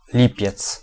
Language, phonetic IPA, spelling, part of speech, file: Polish, [ˈlʲipʲjɛt͡s], lipiec, noun, Pl-lipiec.ogg